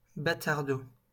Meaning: batardeau
- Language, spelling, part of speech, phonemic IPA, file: French, batardeau, noun, /ba.taʁ.do/, LL-Q150 (fra)-batardeau.wav